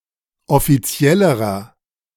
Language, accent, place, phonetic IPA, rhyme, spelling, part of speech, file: German, Germany, Berlin, [ɔfiˈt͡si̯ɛləʁɐ], -ɛləʁɐ, offiziellerer, adjective, De-offiziellerer.ogg
- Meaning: inflection of offiziell: 1. strong/mixed nominative masculine singular comparative degree 2. strong genitive/dative feminine singular comparative degree 3. strong genitive plural comparative degree